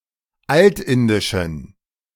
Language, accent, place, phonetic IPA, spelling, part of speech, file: German, Germany, Berlin, [ˈaltˌɪndɪʃn̩], altindischen, adjective, De-altindischen.ogg
- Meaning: inflection of altindisch: 1. strong genitive masculine/neuter singular 2. weak/mixed genitive/dative all-gender singular 3. strong/weak/mixed accusative masculine singular 4. strong dative plural